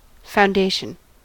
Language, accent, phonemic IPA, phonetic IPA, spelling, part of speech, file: English, US, /ˌfaʊ̯nˈdeɪ̯ʃən/, [ˌfaʊ̯nˈdeɪ̯ʃn̩], foundation, noun, En-us-foundation.ogg
- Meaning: The act of founding, fixing, establishing, or beginning to erect